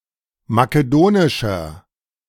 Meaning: inflection of makedonisch: 1. strong/mixed nominative masculine singular 2. strong genitive/dative feminine singular 3. strong genitive plural
- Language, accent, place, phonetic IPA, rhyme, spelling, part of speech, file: German, Germany, Berlin, [makeˈdoːnɪʃɐ], -oːnɪʃɐ, makedonischer, adjective, De-makedonischer.ogg